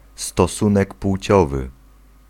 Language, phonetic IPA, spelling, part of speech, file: Polish, [stɔˈsũnɛk ˈpw̥t͡ɕɔvɨ], stosunek płciowy, noun, Pl-stosunek płciowy.ogg